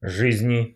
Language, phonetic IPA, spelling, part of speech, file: Russian, [ˈʐɨzʲnʲɪ], жизни, noun, Ru-жизни.ogg
- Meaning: 1. inflection of жизнь (žiznʹ) 2. inflection of жизнь (žiznʹ): genitive/dative/prepositional singular 3. inflection of жизнь (žiznʹ): nominative/accusative plural